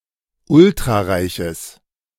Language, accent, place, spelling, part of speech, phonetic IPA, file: German, Germany, Berlin, ultrareiches, adjective, [ˈʊltʁaˌʁaɪ̯çəs], De-ultrareiches.ogg
- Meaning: strong/mixed nominative/accusative neuter singular of ultrareich